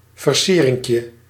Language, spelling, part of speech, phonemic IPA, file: Dutch, versierinkje, noun, /vərˈsirɪŋkjə/, Nl-versierinkje.ogg
- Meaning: diminutive of versiering